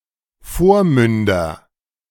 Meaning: nominative/accusative/genitive plural of Vormund
- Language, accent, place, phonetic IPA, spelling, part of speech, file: German, Germany, Berlin, [ˈfoːɐ̯ˌmʏndɐ], Vormünder, noun, De-Vormünder.ogg